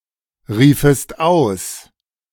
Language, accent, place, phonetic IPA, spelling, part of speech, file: German, Germany, Berlin, [ˌʁiːfəst ˈaʊ̯s], riefest aus, verb, De-riefest aus.ogg
- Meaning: second-person singular subjunctive II of ausrufen